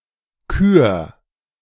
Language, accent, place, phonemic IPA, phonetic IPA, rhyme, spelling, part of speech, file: German, Germany, Berlin, /kyːɐ̯/, [kʰyːɐ̯], -yːɐ̯, Kür, noun, De-Kür.ogg
- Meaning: 1. choice 2. free skating